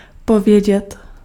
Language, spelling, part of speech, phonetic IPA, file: Czech, povědět, verb, [ˈpovjɛɟɛt], Cs-povědět.ogg
- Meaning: to say